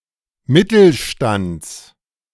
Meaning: genitive singular of Mittelstand
- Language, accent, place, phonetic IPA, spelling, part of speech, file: German, Germany, Berlin, [ˈmɪtl̩ˌʃtant͡s], Mittelstands, noun, De-Mittelstands.ogg